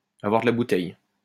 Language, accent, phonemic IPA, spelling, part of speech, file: French, France, /a.vwaʁ də la bu.tɛj/, avoir de la bouteille, verb, LL-Q150 (fra)-avoir de la bouteille.wav
- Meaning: to be experienced, to have experience with age